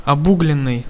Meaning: past passive perfective participle of обу́глить (obúglitʹ)
- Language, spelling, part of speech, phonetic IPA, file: Russian, обугленный, verb, [ɐˈbuɡlʲɪn(ː)ɨj], Ru-обугленный.ogg